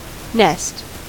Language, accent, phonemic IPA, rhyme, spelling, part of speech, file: English, US, /nɛst/, -ɛst, nest, noun / verb, En-us-nest.ogg
- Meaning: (noun) 1. A structure built by a bird as a place to incubate eggs and rear young 2. A place used by a mammal, fish, amphibian or insect, for depositing eggs and hatching young